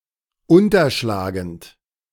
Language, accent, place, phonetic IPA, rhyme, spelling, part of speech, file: German, Germany, Berlin, [ˌʊntɐˈʃlaːɡn̩t], -aːɡn̩t, unterschlagend, verb, De-unterschlagend.ogg
- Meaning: present participle of unterschlagen